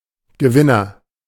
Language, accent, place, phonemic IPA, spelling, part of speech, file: German, Germany, Berlin, /ɡəˈvɪnɐ/, Gewinner, noun, De-Gewinner.ogg
- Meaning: agent noun of gewinnen; winner